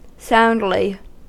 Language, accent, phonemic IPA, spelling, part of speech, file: English, US, /ˈsaʊnd.lɪ/, soundly, adverb, En-us-soundly.ogg
- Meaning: In a thorough manner; in manner free of defect or deficiency